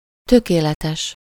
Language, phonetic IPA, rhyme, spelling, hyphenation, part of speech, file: Hungarian, [ˈtøkeːlɛtɛʃ], -ɛʃ, tökéletes, tö‧ké‧le‧tes, adjective, Hu-tökéletes.ogg
- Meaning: perfect, flawless